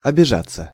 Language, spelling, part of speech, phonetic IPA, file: Russian, обижаться, verb, [ɐbʲɪˈʐat͡sːə], Ru-обижаться.ogg
- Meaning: 1. to take offence (at), to be offended (by), to feel hurt (by), to resent 2. passive of обижа́ть (obižátʹ)